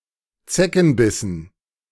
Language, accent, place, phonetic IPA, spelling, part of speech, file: German, Germany, Berlin, [ˈt͡sɛkn̩ˌbɪsn̩], Zeckenbissen, noun, De-Zeckenbissen.ogg
- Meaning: dative plural of Zeckenbiss